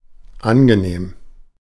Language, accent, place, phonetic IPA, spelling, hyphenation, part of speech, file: German, Germany, Berlin, [ˈʔaŋɡəˌneːm], angenehm, an‧ge‧nehm, adjective, De-angenehm.ogg
- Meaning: 1. pleasant, pleasing 2. short for 'pleased to meet you'